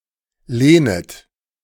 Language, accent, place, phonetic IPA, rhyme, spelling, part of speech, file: German, Germany, Berlin, [ˈleːnət], -eːnət, lehnet, verb, De-lehnet.ogg
- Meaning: second-person plural subjunctive I of lehnen